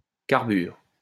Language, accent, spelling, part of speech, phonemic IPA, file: French, France, carbure, noun / verb, /kaʁ.byʁ/, LL-Q150 (fra)-carbure.wav
- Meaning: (noun) carbide; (verb) inflection of carburer: 1. first/third-person singular present indicative/subjunctive 2. second-person singular imperative